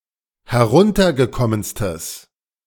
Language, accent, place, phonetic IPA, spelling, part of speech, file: German, Germany, Berlin, [hɛˈʁʊntɐɡəˌkɔmənstəs], heruntergekommenstes, adjective, De-heruntergekommenstes.ogg
- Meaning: strong/mixed nominative/accusative neuter singular superlative degree of heruntergekommen